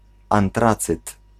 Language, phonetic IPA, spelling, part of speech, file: Polish, [ãnˈtrat͡sɨt], antracyt, noun, Pl-antracyt.ogg